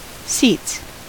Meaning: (noun) plural of seat; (verb) third-person singular simple present indicative of seat
- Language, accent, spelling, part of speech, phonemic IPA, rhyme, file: English, US, seats, noun / verb, /siːts/, -iːts, En-us-seats.ogg